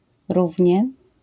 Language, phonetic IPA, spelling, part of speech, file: Polish, [ˈruvʲɲɛ], równie, adverb, LL-Q809 (pol)-równie.wav